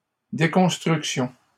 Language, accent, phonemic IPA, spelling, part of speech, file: French, Canada, /de.kɔ̃s.tʁyk.sjɔ̃/, déconstructions, noun, LL-Q150 (fra)-déconstructions.wav
- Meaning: plural of déconstruction